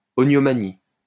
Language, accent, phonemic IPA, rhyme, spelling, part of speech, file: French, France, /o.njo.ma.ni/, -i, oniomanie, noun, LL-Q150 (fra)-oniomanie.wav
- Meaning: oniomania